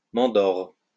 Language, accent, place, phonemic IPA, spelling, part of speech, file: French, France, Lyon, /mɑ̃.dɔʁ/, mandore, noun, LL-Q150 (fra)-mandore.wav
- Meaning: mandore